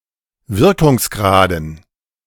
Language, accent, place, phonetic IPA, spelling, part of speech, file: German, Germany, Berlin, [ˈvɪʁkʊŋsˌɡʁaːdn̩], Wirkungsgraden, noun, De-Wirkungsgraden.ogg
- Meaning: dative plural of Wirkungsgrad